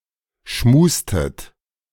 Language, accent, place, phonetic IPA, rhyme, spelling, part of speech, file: German, Germany, Berlin, [ˈʃmuːstət], -uːstət, schmustet, verb, De-schmustet.ogg
- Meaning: inflection of schmusen: 1. second-person plural preterite 2. second-person plural subjunctive II